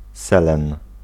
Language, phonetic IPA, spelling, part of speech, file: Polish, [ˈsɛlɛ̃n], selen, noun, Pl-selen.ogg